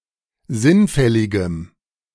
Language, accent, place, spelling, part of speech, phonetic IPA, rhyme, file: German, Germany, Berlin, sinnfälligem, adjective, [ˈzɪnˌfɛlɪɡəm], -ɪnfɛlɪɡəm, De-sinnfälligem.ogg
- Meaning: strong dative masculine/neuter singular of sinnfällig